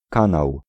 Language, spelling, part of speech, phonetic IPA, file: Polish, kanał, noun, [ˈkãnaw], Pl-kanał.ogg